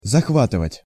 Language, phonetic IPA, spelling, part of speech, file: Russian, [zɐxˈvatɨvətʲ], захватывать, verb, Ru-захватывать.ogg
- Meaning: 1. to grasp, to grip, to grab, to clench, to collar 2. to seize, to capture, to occupy, to usurp 3. to absorb, to captivate, to possess, to carry away, to thrill, to engross, to enthral